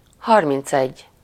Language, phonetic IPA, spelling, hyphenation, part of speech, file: Hungarian, [ˈhɒrmint͡sɛɟː], harmincegy, har‧minc‧egy, numeral, Hu-harmincegy.ogg
- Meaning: thirty-one